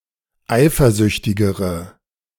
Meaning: inflection of eifersüchtig: 1. strong/mixed nominative/accusative feminine singular comparative degree 2. strong nominative/accusative plural comparative degree
- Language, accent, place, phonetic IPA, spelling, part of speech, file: German, Germany, Berlin, [ˈaɪ̯fɐˌzʏçtɪɡəʁə], eifersüchtigere, adjective, De-eifersüchtigere.ogg